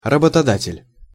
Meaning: employer (person or entity which employs others)
- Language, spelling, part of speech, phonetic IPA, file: Russian, работодатель, noun, [rəbətɐˈdatʲɪlʲ], Ru-работодатель.ogg